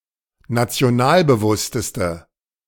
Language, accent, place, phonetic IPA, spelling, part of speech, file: German, Germany, Berlin, [nat͡si̯oˈnaːlbəˌvʊstəstə], nationalbewussteste, adjective, De-nationalbewussteste.ogg
- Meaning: inflection of nationalbewusst: 1. strong/mixed nominative/accusative feminine singular superlative degree 2. strong nominative/accusative plural superlative degree